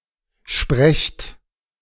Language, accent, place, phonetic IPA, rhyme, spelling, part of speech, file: German, Germany, Berlin, [ʃpʁɛçt], -ɛçt, sprecht, verb, De-sprecht.ogg
- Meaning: inflection of sprechen: 1. second-person plural present 2. plural imperative